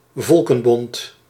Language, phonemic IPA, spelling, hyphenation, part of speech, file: Dutch, /ˈvɔl.kə(n)ˌbɔnt/, Volkenbond, Vol‧ken‧bond, proper noun, Nl-Volkenbond.ogg
- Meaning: League of Nations